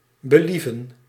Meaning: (verb) to please, to appease; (noun) [with naar ‘to’] at will, discretion
- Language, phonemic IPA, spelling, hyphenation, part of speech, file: Dutch, /bəˈlivə(n)/, believen, be‧lie‧ven, verb / noun, Nl-believen.ogg